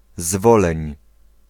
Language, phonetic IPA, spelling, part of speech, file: Polish, [ˈzvɔlɛ̃ɲ], Zwoleń, proper noun, Pl-Zwoleń.ogg